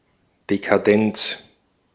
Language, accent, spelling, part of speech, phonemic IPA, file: German, Austria, Dekadenz, noun, /dekaˈdɛnts/, De-at-Dekadenz.ogg
- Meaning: decadence